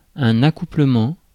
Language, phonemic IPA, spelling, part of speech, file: French, /a.ku.plə.mɑ̃/, accouplement, noun, Fr-accouplement.ogg
- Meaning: 1. coupling, mating 2. coupling